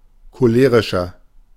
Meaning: 1. comparative degree of cholerisch 2. inflection of cholerisch: strong/mixed nominative masculine singular 3. inflection of cholerisch: strong genitive/dative feminine singular
- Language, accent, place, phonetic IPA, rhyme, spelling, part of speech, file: German, Germany, Berlin, [koˈleːʁɪʃɐ], -eːʁɪʃɐ, cholerischer, adjective, De-cholerischer.ogg